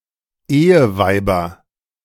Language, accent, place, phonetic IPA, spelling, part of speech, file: German, Germany, Berlin, [ˈeːəˌvaɪ̯bɐ], Eheweiber, noun, De-Eheweiber.ogg
- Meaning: nominative/accusative/genitive plural of Eheweib